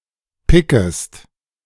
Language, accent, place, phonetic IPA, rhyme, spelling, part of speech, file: German, Germany, Berlin, [ˈpɪkəst], -ɪkəst, pickest, verb, De-pickest.ogg
- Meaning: second-person singular subjunctive I of picken